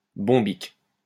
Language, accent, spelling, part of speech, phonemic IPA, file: French, France, bombique, adjective, /bɔ̃.bik/, LL-Q150 (fra)-bombique.wav
- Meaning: bombic